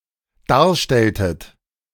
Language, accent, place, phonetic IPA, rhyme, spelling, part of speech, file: German, Germany, Berlin, [ˈdaːɐ̯ˌʃtɛltət], -aːɐ̯ʃtɛltət, darstelltet, verb, De-darstelltet.ogg
- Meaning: inflection of darstellen: 1. second-person plural dependent preterite 2. second-person plural dependent subjunctive II